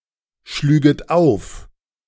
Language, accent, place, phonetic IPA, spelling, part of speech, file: German, Germany, Berlin, [ˌʃlyːɡət ˈaʊ̯f], schlüget auf, verb, De-schlüget auf.ogg
- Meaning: second-person plural subjunctive II of aufschlagen